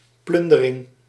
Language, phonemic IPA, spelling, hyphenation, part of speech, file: Dutch, /ˈplʏn.də.rɪŋ/, plundering, plun‧de‧ring, noun, Nl-plundering.ogg
- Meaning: looting, plundering